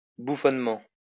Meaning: 1. ridiculously, farcically 2. stupidly, hilariously
- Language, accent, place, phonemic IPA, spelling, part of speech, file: French, France, Lyon, /bu.fɔn.mɑ̃/, bouffonnement, adverb, LL-Q150 (fra)-bouffonnement.wav